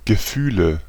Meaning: nominative/accusative/genitive plural of Gefühl "feelings"
- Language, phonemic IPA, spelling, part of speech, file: German, /ɡəˈfyːlə/, Gefühle, noun, De-Gefühle.ogg